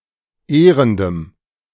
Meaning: strong dative masculine/neuter singular of ehrend
- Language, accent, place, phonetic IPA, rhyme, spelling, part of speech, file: German, Germany, Berlin, [ˈeːʁəndəm], -eːʁəndəm, ehrendem, adjective, De-ehrendem.ogg